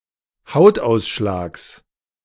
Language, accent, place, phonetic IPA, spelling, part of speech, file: German, Germany, Berlin, [ˈhaʊ̯tˌʔaʊ̯sʃlaːks], Hautausschlags, noun, De-Hautausschlags.ogg
- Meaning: genitive singular of Hautausschlag